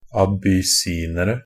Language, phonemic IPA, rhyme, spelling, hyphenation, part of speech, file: Norwegian Bokmål, /abʏˈsiːnərə/, -ərə, abyssinere, a‧bys‧si‧ne‧re, noun, NB - Pronunciation of Norwegian Bokmål «abyssinere».ogg
- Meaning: indefinite plural of abyssiner